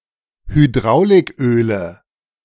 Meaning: nominative/accusative/genitive plural of Hydrauliköl
- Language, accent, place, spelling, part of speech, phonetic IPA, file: German, Germany, Berlin, Hydrauliköle, noun, [hyˈdʁaʊ̯lɪkˌʔøːlə], De-Hydrauliköle.ogg